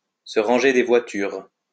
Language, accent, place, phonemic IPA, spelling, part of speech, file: French, France, Lyon, /sə ʁɑ̃.ʒe de vwa.tyʁ/, se ranger des voitures, verb, LL-Q150 (fra)-se ranger des voitures.wav
- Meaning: to clean up one's act, to settle down, to reform, to be finished with the excesses, to get back on the straight and narrow, to straighten up and fly right, to get older and wiser